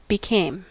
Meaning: 1. simple past of become 2. past participle of become
- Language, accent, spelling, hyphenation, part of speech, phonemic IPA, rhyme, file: English, US, became, be‧came, verb, /bɪˈkeɪm/, -eɪm, En-us-became.ogg